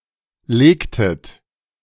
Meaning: inflection of legen: 1. second-person plural preterite 2. second-person plural subjunctive II
- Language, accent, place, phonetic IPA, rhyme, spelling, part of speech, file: German, Germany, Berlin, [ˈleːktət], -eːktət, legtet, verb, De-legtet.ogg